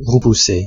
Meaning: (verb) past participle of repousser; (adjective) repelled, repulsed
- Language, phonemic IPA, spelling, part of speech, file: French, /ʁə.pu.se/, repoussé, verb / adjective, Fr-repoussé.ogg